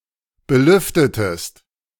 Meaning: inflection of belüften: 1. second-person singular preterite 2. second-person singular subjunctive II
- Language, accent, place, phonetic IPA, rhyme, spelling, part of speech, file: German, Germany, Berlin, [bəˈlʏftətəst], -ʏftətəst, belüftetest, verb, De-belüftetest.ogg